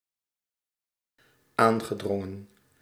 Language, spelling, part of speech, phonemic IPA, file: Dutch, aangedrongen, verb, /ˈaŋɣəˌdrɔŋə(n)/, Nl-aangedrongen.ogg
- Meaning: past participle of aandringen